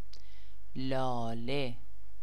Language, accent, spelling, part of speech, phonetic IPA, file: Persian, Iran, لاله, noun / proper noun, [lɒː.lé], Fa-لاله.ogg
- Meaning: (noun) tulip; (proper noun) a female given name, Laleh, Lala, Lale, Lalah, and Lola